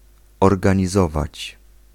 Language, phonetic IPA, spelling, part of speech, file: Polish, [ˌɔrɡãɲiˈzɔvat͡ɕ], organizować, verb, Pl-organizować.ogg